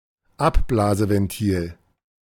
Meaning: relief valve
- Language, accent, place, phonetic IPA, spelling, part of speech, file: German, Germany, Berlin, [ˈapˌblaːzəvɛnˌtiːl], Abblaseventil, noun, De-Abblaseventil.ogg